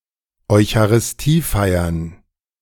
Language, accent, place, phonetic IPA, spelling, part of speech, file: German, Germany, Berlin, [ɔɪ̯çaʁɪsˈtiːˌfaɪ̯ɐn], Eucharistiefeiern, noun, De-Eucharistiefeiern.ogg
- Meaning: plural of Eucharistiefeier